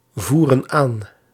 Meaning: inflection of aanvoeren: 1. plural present indicative 2. plural present subjunctive
- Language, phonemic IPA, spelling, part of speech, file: Dutch, /ˈvurə(n) ˈan/, voeren aan, verb, Nl-voeren aan.ogg